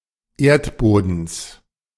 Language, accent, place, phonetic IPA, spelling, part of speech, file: German, Germany, Berlin, [ˈeːɐ̯tˌboːdn̩s], Erdbodens, noun, De-Erdbodens.ogg
- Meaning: genitive singular of Erdboden